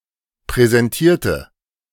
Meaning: inflection of präsentieren: 1. first/third-person singular preterite 2. first/third-person singular subjunctive II
- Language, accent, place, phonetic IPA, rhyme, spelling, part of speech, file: German, Germany, Berlin, [pʁɛzɛnˈtiːɐ̯tə], -iːɐ̯tə, präsentierte, adjective / verb, De-präsentierte.ogg